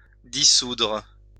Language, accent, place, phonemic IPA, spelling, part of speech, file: French, France, Lyon, /di.sudʁ/, dissoudre, verb, LL-Q150 (fra)-dissoudre.wav
- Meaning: 1. to dissolve, break up, separate, disband 2. to dissolve, separate, disintegrate, disperse